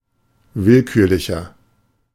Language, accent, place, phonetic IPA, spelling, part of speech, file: German, Germany, Berlin, [ˈvɪlˌkyːɐ̯lɪçɐ], willkürlicher, adjective, De-willkürlicher.ogg
- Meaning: inflection of willkürlich: 1. strong/mixed nominative masculine singular 2. strong genitive/dative feminine singular 3. strong genitive plural